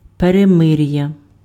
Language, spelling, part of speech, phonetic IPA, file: Ukrainian, перемир'я, noun, [pereˈmɪrjɐ], Uk-перемир'я.ogg
- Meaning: armistice, truce (formal agreement to end fighting)